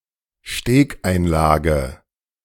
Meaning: bridge of an acoustic guitar (support for strings on sounding board)
- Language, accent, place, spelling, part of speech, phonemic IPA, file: German, Germany, Berlin, Stegeinlage, noun, /ˈʃteːkˌʔaɪ̯nlaːɡə/, De-Stegeinlage.ogg